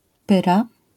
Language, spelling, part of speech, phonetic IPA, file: Polish, pyra, noun, [ˈpɨra], LL-Q809 (pol)-pyra.wav